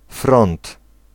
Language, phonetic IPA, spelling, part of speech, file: Polish, [frɔ̃nt], front, noun, Pl-front.ogg